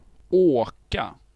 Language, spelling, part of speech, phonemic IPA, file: Swedish, åka, verb, /ˈoːka/, Sv-åka.ogg
- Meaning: to go by using something more or other than the human or animal body, for example a vehicle, skis, or skates; to go, to ride, etc